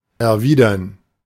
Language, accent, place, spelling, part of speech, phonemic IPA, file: German, Germany, Berlin, erwidern, verb, /ɛrˈviːdərn/, De-erwidern.ogg
- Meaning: 1. to reciprocate, return, to react with something analogous 2. to answer, reply 3. to object, retort, to express an opposing view